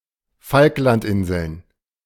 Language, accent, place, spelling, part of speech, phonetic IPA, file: German, Germany, Berlin, Falklandinseln, proper noun, [ˈfalklantˌʔɪnzl̩n], De-Falklandinseln.ogg
- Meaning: Falkland Islands (an archipelago and overseas territory of the United Kingdom, located in the South Atlantic)